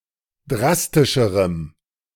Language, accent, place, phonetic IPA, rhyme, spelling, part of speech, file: German, Germany, Berlin, [ˈdʁastɪʃəʁəm], -astɪʃəʁəm, drastischerem, adjective, De-drastischerem.ogg
- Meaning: strong dative masculine/neuter singular comparative degree of drastisch